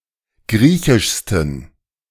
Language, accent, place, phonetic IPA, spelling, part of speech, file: German, Germany, Berlin, [ˈɡʁiːçɪʃstn̩], griechischsten, adjective, De-griechischsten.ogg
- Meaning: 1. superlative degree of griechisch 2. inflection of griechisch: strong genitive masculine/neuter singular superlative degree